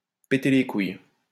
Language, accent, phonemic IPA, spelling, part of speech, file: French, France, /pe.te le kuj/, péter les couilles, verb, LL-Q150 (fra)-péter les couilles.wav
- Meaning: to piss off, to annoy a lot